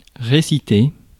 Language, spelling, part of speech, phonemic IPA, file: French, réciter, verb, /ʁe.si.te/, Fr-réciter.ogg
- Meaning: 1. to recite, to declaim 2. to review, revise (something previously written or learned)